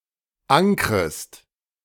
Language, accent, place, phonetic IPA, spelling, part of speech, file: German, Germany, Berlin, [ˈaŋkʁəst], ankrest, verb, De-ankrest.ogg
- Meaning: second-person singular subjunctive I of ankern